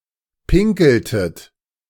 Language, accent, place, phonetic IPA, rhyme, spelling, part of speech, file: German, Germany, Berlin, [ˈpɪŋkl̩tət], -ɪŋkl̩tət, pinkeltet, verb, De-pinkeltet.ogg
- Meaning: inflection of pinkeln: 1. second-person plural preterite 2. second-person plural subjunctive II